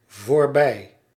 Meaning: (adverb) 1. past; just beyond 2. past (implying motion) 3. over (finished); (preposition) past, beyond; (adjective) past, previous
- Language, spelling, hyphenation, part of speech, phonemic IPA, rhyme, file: Dutch, voorbij, voor‧bij, adverb / preposition / adjective, /voːrˈbɛi̯/, -ɛi̯, Nl-voorbij.ogg